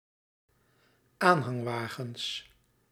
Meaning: plural of aanhangwagen
- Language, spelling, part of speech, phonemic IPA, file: Dutch, aanhangwagens, noun, /ˈanhɑŋˌwaɣə(n)s/, Nl-aanhangwagens.ogg